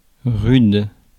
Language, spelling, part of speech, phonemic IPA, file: French, rude, adjective, /ʁyd/, Fr-rude.ogg
- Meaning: 1. rough, harsh 2. tough, hard; severe 3. bitter, harsh, sharp (of weather) 4. crude, unpolished 5. hardy, tough, rugged 6. formidable, fearsome